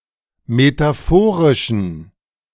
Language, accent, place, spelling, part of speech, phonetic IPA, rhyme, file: German, Germany, Berlin, metaphorischen, adjective, [metaˈfoːʁɪʃn̩], -oːʁɪʃn̩, De-metaphorischen.ogg
- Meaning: inflection of metaphorisch: 1. strong genitive masculine/neuter singular 2. weak/mixed genitive/dative all-gender singular 3. strong/weak/mixed accusative masculine singular 4. strong dative plural